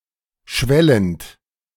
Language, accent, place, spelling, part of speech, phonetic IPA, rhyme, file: German, Germany, Berlin, schwellend, verb, [ˈʃvɛlənt], -ɛlənt, De-schwellend.ogg
- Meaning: present participle of schwellen